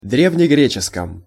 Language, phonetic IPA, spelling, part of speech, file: Russian, [ˌdrʲevnʲɪˈɡrʲet͡ɕɪskəm], древнегреческом, adjective / noun, Ru-древнегреческом.ogg
- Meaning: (adjective) prepositional masculine/neuter singular of дрѐвнегре́ческий (drèvnegréčeskij); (noun) prepositional singular of дрѐвнегре́ческий (drèvnegréčeskij)